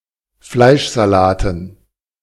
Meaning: dative plural of Fleischsalat
- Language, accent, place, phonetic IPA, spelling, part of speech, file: German, Germany, Berlin, [ˈflaɪ̯ʃzaˌlaːtn̩], Fleischsalaten, noun, De-Fleischsalaten.ogg